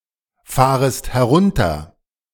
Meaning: second-person singular subjunctive I of herunterfahren
- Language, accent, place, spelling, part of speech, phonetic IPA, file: German, Germany, Berlin, fahrest herunter, verb, [ˌfaːʁəst hɛˈʁʊntɐ], De-fahrest herunter.ogg